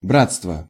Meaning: brotherhood, fraternity
- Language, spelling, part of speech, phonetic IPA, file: Russian, братство, noun, [ˈbrat͡stvə], Ru-братство.ogg